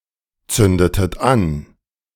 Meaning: inflection of anzünden: 1. second-person plural preterite 2. second-person plural subjunctive II
- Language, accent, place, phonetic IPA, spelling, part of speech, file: German, Germany, Berlin, [ˌt͡sʏndətət ˈan], zündetet an, verb, De-zündetet an.ogg